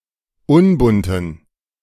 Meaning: inflection of unbunt: 1. strong genitive masculine/neuter singular 2. weak/mixed genitive/dative all-gender singular 3. strong/weak/mixed accusative masculine singular 4. strong dative plural
- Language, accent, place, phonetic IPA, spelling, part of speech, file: German, Germany, Berlin, [ˈʊnbʊntn̩], unbunten, adjective, De-unbunten.ogg